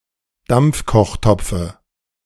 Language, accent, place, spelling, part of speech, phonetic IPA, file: German, Germany, Berlin, Dampfkochtopfe, noun, [ˈdamp͡fkɔxˌtɔp͡fə], De-Dampfkochtopfe.ogg
- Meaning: dative singular of Dampfkochtopf